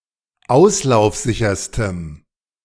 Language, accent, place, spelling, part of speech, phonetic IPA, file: German, Germany, Berlin, auslaufsicherstem, adjective, [ˈaʊ̯slaʊ̯fˌzɪçɐstəm], De-auslaufsicherstem.ogg
- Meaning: strong dative masculine/neuter singular superlative degree of auslaufsicher